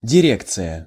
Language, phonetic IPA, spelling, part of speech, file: Russian, [dʲɪˈrʲekt͡sɨjə], дирекция, noun, Ru-дирекция.ogg
- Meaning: 1. directorate, board of directors 2. directorate, management 3. director's office, manager's office